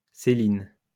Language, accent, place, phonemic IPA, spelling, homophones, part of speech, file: French, France, Lyon, /se.lin/, Céline, séline, proper noun, LL-Q150 (fra)-Céline.wav
- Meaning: a female given name